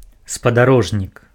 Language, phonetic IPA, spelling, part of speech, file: Belarusian, [spadaˈroʐnʲik], спадарожнік, noun, Be-спадарожнік.ogg
- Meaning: 1. a fellow traveller; companion 2. satellite, moon (a natural satellite of a planet) 3. an artificial satellite of a planet or moon, sputnik